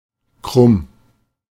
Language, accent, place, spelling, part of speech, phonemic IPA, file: German, Germany, Berlin, krumm, adjective, /kʁʊm/, De-krumm.ogg
- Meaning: 1. crooked 2. lame, limping